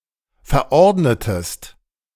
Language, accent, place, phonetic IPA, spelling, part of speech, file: German, Germany, Berlin, [fɛɐ̯ˈʔɔʁdnətəst], verordnetest, verb, De-verordnetest.ogg
- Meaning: inflection of verordnen: 1. second-person singular preterite 2. second-person singular subjunctive II